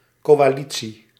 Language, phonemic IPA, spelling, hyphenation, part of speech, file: Dutch, /ˌkoːaːˈli(t)si/, coalitie, co‧a‧li‧tie, noun, Nl-coalitie.ogg
- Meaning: 1. coalition (government consisting of multiple parties) 2. coalition (military force consisting of various parties)